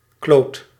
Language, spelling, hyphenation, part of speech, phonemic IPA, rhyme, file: Dutch, kloot, kloot, noun, /kloːt/, -oːt, Nl-kloot.ogg
- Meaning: 1. sphere, ball 2. testicle